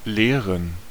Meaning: 1. to teach (a class, a subject); to be a teacher 2. to teach
- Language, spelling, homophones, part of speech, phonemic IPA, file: German, lehren, leeren, verb, /ˈleːʁən/, De-lehren.ogg